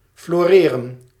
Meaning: to prosper, to flourish, to bloom
- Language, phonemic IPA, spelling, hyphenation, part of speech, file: Dutch, /flɔreːrə(n)/, floreren, flo‧re‧ren, verb, Nl-floreren.ogg